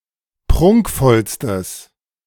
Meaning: strong/mixed nominative/accusative neuter singular superlative degree of prunkvoll
- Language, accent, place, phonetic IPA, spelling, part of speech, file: German, Germany, Berlin, [ˈpʁʊŋkfɔlstəs], prunkvollstes, adjective, De-prunkvollstes.ogg